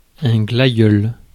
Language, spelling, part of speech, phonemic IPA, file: French, glaïeul, noun, /ɡla.jœl/, Fr-glaïeul.ogg
- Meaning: gladiolus (plant)